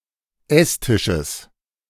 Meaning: genitive singular of Esstisch
- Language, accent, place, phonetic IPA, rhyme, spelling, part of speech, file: German, Germany, Berlin, [ˈɛsˌtɪʃəs], -ɛstɪʃəs, Esstisches, noun, De-Esstisches.ogg